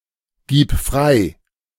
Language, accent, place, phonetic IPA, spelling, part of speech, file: German, Germany, Berlin, [ˌɡiːp ˈfʁaɪ̯], gib frei, verb, De-gib frei.ogg
- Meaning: singular imperative of freigeben